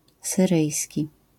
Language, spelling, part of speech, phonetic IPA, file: Polish, syryjski, adjective, [sɨˈrɨjsʲci], LL-Q809 (pol)-syryjski.wav